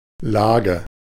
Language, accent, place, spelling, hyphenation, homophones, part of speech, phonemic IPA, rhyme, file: German, Germany, Berlin, Lage, La‧ge, Laage, noun / proper noun, /ˈlaːɡə/, -aːɡə, De-Lage.ogg
- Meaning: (noun) 1. location, position 2. situation, condition 3. thickness (layer); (proper noun) a city in Lippe district, North Rhine-Westphalia, Germany